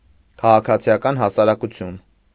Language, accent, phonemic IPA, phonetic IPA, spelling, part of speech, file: Armenian, Eastern Armenian, /kʰɑʁɑkʰɑt͡sʰiɑˈkɑn hɑsɑɾɑkuˈtʰjun/, [kʰɑʁɑkʰɑt͡sʰi(j)ɑkɑ́n hɑsɑɾɑkut͡sʰjún], քաղաքացիական հասարակություն, noun, Hy-քաղաքացիական հասարակություն.ogg
- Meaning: civil society